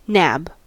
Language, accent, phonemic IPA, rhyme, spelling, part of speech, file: English, US, /næb/, -æb, nab, verb / noun, En-us-nab.ogg
- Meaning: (verb) 1. To seize, arrest or take into custody (a criminal or fugitive) 2. To grab or snatch something 3. To steal or copy another user's post; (noun) 1. The summit of a hill 2. The cock of a gunlock